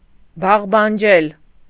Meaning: alternative form of բարբաջել (barbaǰel)
- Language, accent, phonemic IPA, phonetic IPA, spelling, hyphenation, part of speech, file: Armenian, Eastern Armenian, /bɑʁbɑnˈd͡ʒel/, [bɑʁbɑnd͡ʒél], բաղբանջել, բաղ‧բան‧ջել, verb, Hy-բաղբանջել.ogg